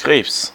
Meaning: 1. crustacean, crab, crayfish 2. cancer (disease) 3. Cancer
- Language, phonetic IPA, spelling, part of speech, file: German, [kʰʁ̥eːps], Krebs, noun, De-Krebs.ogg